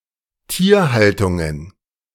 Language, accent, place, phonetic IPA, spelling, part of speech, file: German, Germany, Berlin, [ˈtiːɐ̯ˌhaltʊŋən], Tierhaltungen, noun, De-Tierhaltungen.ogg
- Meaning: plural of Tierhaltung